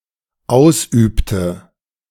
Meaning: inflection of ausüben: 1. first/third-person singular dependent preterite 2. first/third-person singular dependent subjunctive II
- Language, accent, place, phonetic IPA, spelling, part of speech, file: German, Germany, Berlin, [ˈaʊ̯sˌʔyːptə], ausübte, verb, De-ausübte.ogg